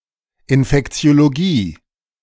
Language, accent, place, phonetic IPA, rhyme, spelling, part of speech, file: German, Germany, Berlin, [ɪnfɛkt͡si̯oloˈɡiː], -iː, Infektiologie, noun, De-Infektiologie.ogg
- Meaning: infectiology